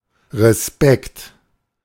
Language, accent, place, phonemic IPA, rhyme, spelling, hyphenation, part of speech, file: German, Germany, Berlin, /ʁəˈspɛkt/, -spɛkt, Respekt, Re‧spekt, noun / interjection, De-Respekt.ogg
- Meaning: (noun) respect, regard, reverence; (interjection) Used to express appreciation; hats off, kudos